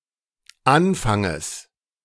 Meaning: genitive singular of Anfang
- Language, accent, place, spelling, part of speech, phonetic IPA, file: German, Germany, Berlin, Anfanges, noun, [ˈanfaŋəs], De-Anfanges.ogg